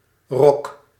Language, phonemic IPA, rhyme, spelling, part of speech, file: Dutch, /rɔk/, -ɔk, rock, noun, Nl-rock.ogg
- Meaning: rock (style of music)